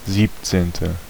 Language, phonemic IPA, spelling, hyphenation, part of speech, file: German, /ˈziːptseːntə/, siebzehnte, sieb‧zehn‧te, adjective, De-siebzehnte.ogg
- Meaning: seventeenth